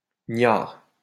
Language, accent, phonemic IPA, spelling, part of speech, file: French, France, /ɲaʁ/, gniard, noun, LL-Q150 (fra)-gniard.wav
- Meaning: alternative form of gnard